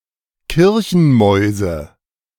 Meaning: nominative/accusative/genitive plural of Kirchenmaus
- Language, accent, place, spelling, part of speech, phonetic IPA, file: German, Germany, Berlin, Kirchenmäuse, noun, [ˈkɪʁçn̩mɔɪ̯zə], De-Kirchenmäuse.ogg